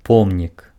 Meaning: monument, memorial (structure built for commemorative or symbolic reasons)
- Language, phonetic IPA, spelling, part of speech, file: Belarusian, [ˈpomnʲik], помнік, noun, Be-помнік.ogg